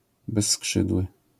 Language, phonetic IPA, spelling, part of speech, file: Polish, [bɛsˈːkʃɨdwɨ], bezskrzydły, adjective, LL-Q809 (pol)-bezskrzydły.wav